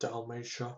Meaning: 1. A historical region of Croatia, on the eastern coast of the Adriatic Sea 2. A province of the Roman Empire
- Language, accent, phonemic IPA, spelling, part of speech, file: English, US, /dælˈmeɪʃə/, Dalmatia, proper noun, Dalmatia US.ogg